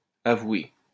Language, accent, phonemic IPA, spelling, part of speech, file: French, France, /a.vwe/, avoué, noun / verb, LL-Q150 (fra)-avoué.wav
- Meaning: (noun) solicitor; attorney; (verb) past participle of avouer